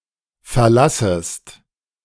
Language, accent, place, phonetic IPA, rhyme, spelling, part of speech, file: German, Germany, Berlin, [fɛɐ̯ˈlasəst], -asəst, verlassest, verb, De-verlassest.ogg
- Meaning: second-person singular subjunctive I of verlassen